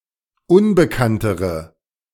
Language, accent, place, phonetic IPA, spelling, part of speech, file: German, Germany, Berlin, [ˈʊnbəkantəʁə], unbekanntere, adjective, De-unbekanntere.ogg
- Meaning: inflection of unbekannt: 1. strong/mixed nominative/accusative feminine singular comparative degree 2. strong nominative/accusative plural comparative degree